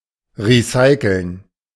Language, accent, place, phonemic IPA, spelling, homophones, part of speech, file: German, Germany, Berlin, /ˌʁiˈsaɪ̯kl̩n/, recyceln, recyclen, verb, De-recyceln.ogg
- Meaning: to recycle